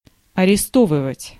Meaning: to arrest
- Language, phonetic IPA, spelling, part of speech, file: Russian, [ɐrʲɪˈstovɨvətʲ], арестовывать, verb, Ru-арестовывать.ogg